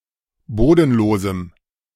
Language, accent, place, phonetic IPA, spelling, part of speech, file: German, Germany, Berlin, [ˈboːdn̩ˌloːzm̩], bodenlosem, adjective, De-bodenlosem.ogg
- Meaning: strong dative masculine/neuter singular of bodenlos